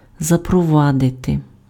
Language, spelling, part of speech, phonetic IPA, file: Ukrainian, запровадити, verb, [zɐprɔˈʋadete], Uk-запровадити.ogg
- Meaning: 1. to introduce, to bring in (:measure, custom, system etc.) 2. to send, to dispatch (:someone somewhere)